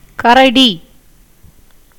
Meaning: bear (Melursus ursinus)
- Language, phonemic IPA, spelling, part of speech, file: Tamil, /kɐɾɐɖiː/, கரடி, noun, Ta-கரடி.ogg